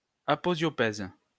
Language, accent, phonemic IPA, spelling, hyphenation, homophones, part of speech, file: French, France, /a.pɔ.zjɔ.pɛz/, aposiopèse, a‧po‧sio‧pèse, aposiopèses, noun, LL-Q150 (fra)-aposiopèse.wav
- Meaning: aposiopesis, reticence